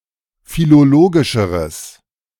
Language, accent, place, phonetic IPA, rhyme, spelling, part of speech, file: German, Germany, Berlin, [filoˈloːɡɪʃəʁəs], -oːɡɪʃəʁəs, philologischeres, adjective, De-philologischeres.ogg
- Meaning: strong/mixed nominative/accusative neuter singular comparative degree of philologisch